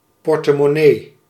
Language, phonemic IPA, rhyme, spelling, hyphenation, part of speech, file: Dutch, /ˌpɔr.tə.mɔˈneː/, -eː, portemonnee, por‧te‧mon‧nee, noun, Nl-portemonnee.ogg
- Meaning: 1. wallet 2. purse, coin purse